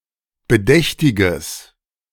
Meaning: strong/mixed nominative/accusative neuter singular of bedächtig
- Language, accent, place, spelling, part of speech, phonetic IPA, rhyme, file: German, Germany, Berlin, bedächtiges, adjective, [bəˈdɛçtɪɡəs], -ɛçtɪɡəs, De-bedächtiges.ogg